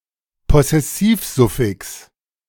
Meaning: possessive suffix (suffix indicating possession)
- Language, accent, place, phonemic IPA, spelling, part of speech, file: German, Germany, Berlin, /ˈpɔsɛsiːfˌzʊfɪks/, Possessivsuffix, noun, De-Possessivsuffix.ogg